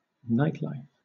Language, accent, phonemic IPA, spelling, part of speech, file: English, Southern England, /ˈnaɪtˌlaɪf/, nightlife, noun, LL-Q1860 (eng)-nightlife.wav
- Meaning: Nocturnal activities, especially visiting nightclubs